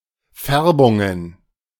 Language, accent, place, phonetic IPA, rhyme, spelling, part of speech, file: German, Germany, Berlin, [ˈfɛʁbʊŋən], -ɛʁbʊŋən, Färbungen, noun, De-Färbungen.ogg
- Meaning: plural of Färbung